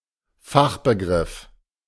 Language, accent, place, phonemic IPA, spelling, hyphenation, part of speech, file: German, Germany, Berlin, /ˈfaxbəˌɡʁɪf/, Fachbegriff, Fach‧be‧griff, noun, De-Fachbegriff.ogg
- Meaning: technical term